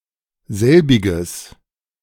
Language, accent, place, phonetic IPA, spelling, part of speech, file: German, Germany, Berlin, [ˈzɛlbɪɡəs], selbiges, pronoun, De-selbiges.ogg
- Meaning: strong/mixed nominative/accusative neuter singular of selbig